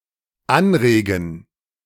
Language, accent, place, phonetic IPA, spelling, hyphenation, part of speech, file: German, Germany, Berlin, [ˈanˌʁeːɡn̩], anregen, an‧re‧gen, verb, De-anregen.ogg
- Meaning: 1. to encourage 2. to excite